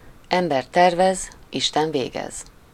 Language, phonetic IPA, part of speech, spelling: Hungarian, [ˌɛmbɛr ˈtɛrvɛz ˌiʃtɛn ˈveːɡɛz], proverb, ember tervez, Isten végez
- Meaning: man proposes, God disposes